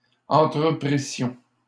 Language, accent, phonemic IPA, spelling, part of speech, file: French, Canada, /ɑ̃.tʁə.pʁi.sjɔ̃/, entreprissions, verb, LL-Q150 (fra)-entreprissions.wav
- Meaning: first-person plural imperfect subjunctive of entreprendre